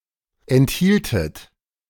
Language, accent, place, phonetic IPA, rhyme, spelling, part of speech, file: German, Germany, Berlin, [ɛntˈhiːltət], -iːltət, enthieltet, verb, De-enthieltet.ogg
- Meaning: second-person plural subjunctive I of enthalten